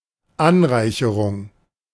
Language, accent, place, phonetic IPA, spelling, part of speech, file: German, Germany, Berlin, [ˈanˌʁaɪ̯çəʁʊŋ], Anreicherung, noun, De-Anreicherung.ogg
- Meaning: enrichment